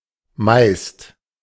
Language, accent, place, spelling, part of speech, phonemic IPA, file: German, Germany, Berlin, meist, adjective / adverb, /maɪ̯st/, De-meist.ogg
- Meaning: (adjective) superlative degree of viel (“much; many”); most; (adverb) mostly, most often, usually